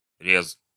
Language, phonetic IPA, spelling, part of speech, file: Russian, [rʲes], рез, noun, Ru-рез.ogg
- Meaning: 1. cut 2. slice 3. a cutting method 4. in Kyivan Rus, the profit or percentage of money given on loan